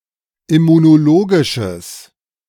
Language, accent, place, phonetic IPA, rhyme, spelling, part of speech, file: German, Germany, Berlin, [ɪmunoˈloːɡɪʃəs], -oːɡɪʃəs, immunologisches, adjective, De-immunologisches.ogg
- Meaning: strong/mixed nominative/accusative neuter singular of immunologisch